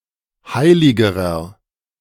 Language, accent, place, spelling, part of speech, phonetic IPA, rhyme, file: German, Germany, Berlin, heiligerer, adjective, [ˈhaɪ̯lɪɡəʁɐ], -aɪ̯lɪɡəʁɐ, De-heiligerer.ogg
- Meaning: inflection of heilig: 1. strong/mixed nominative masculine singular comparative degree 2. strong genitive/dative feminine singular comparative degree 3. strong genitive plural comparative degree